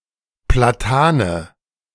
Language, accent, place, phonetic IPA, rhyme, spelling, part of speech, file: German, Germany, Berlin, [plaˈtaːnə], -aːnə, Platane, noun, De-Platane.ogg
- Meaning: plane, planetree